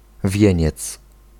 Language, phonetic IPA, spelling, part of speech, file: Polish, [ˈvʲjɛ̇̃ɲɛt͡s], wieniec, noun, Pl-wieniec.ogg